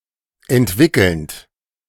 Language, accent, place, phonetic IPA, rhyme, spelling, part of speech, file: German, Germany, Berlin, [ɛntˈvɪkl̩nt], -ɪkl̩nt, entwickelnd, verb, De-entwickelnd.ogg
- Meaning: present participle of entwickeln